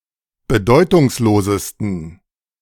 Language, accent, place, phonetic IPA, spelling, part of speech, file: German, Germany, Berlin, [bəˈdɔɪ̯tʊŋsˌloːzəstn̩], bedeutungslosesten, adjective, De-bedeutungslosesten.ogg
- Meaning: 1. superlative degree of bedeutungslos 2. inflection of bedeutungslos: strong genitive masculine/neuter singular superlative degree